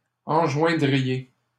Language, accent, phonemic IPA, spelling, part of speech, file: French, Canada, /ɑ̃.ʒwɛ̃.dʁi.je/, enjoindriez, verb, LL-Q150 (fra)-enjoindriez.wav
- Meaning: second-person plural conditional of enjoindre